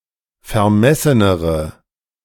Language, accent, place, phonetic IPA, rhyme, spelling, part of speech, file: German, Germany, Berlin, [fɛɐ̯ˈmɛsənəʁə], -ɛsənəʁə, vermessenere, adjective, De-vermessenere.ogg
- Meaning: inflection of vermessen: 1. strong/mixed nominative/accusative feminine singular comparative degree 2. strong nominative/accusative plural comparative degree